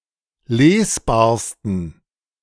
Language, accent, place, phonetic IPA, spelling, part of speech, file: German, Germany, Berlin, [ˈleːsˌbaːɐ̯stn̩], lesbarsten, adjective, De-lesbarsten.ogg
- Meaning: 1. superlative degree of lesbar 2. inflection of lesbar: strong genitive masculine/neuter singular superlative degree